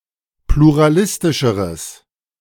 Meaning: strong/mixed nominative/accusative neuter singular comparative degree of pluralistisch
- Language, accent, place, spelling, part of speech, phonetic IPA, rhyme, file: German, Germany, Berlin, pluralistischeres, adjective, [pluʁaˈlɪstɪʃəʁəs], -ɪstɪʃəʁəs, De-pluralistischeres.ogg